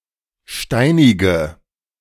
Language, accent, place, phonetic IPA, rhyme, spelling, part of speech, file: German, Germany, Berlin, [ˈʃtaɪ̯nɪɡə], -aɪ̯nɪɡə, steinige, adjective / verb, De-steinige.ogg
- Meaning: inflection of steinigen: 1. first-person singular present 2. singular imperative 3. first/third-person singular subjunctive I